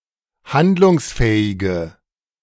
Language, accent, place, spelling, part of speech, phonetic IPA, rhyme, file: German, Germany, Berlin, handlungsfähige, adjective, [ˈhandlʊŋsˌfɛːɪɡə], -andlʊŋsfɛːɪɡə, De-handlungsfähige.ogg
- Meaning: inflection of handlungsfähig: 1. strong/mixed nominative/accusative feminine singular 2. strong nominative/accusative plural 3. weak nominative all-gender singular